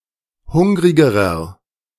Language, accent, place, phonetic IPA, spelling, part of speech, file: German, Germany, Berlin, [ˈhʊŋʁɪɡəʁɐ], hungrigerer, adjective, De-hungrigerer.ogg
- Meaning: inflection of hungrig: 1. strong/mixed nominative masculine singular comparative degree 2. strong genitive/dative feminine singular comparative degree 3. strong genitive plural comparative degree